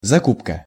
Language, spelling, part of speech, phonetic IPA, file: Russian, закупка, noun, [zɐˈkupkə], Ru-закупка.ogg
- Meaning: purchase, buying, procurement (usually in bulk or large quantities)